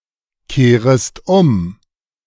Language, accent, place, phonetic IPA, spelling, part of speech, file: German, Germany, Berlin, [ˌkeːʁəst ˈʊm], kehrest um, verb, De-kehrest um.ogg
- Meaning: second-person singular subjunctive I of umkehren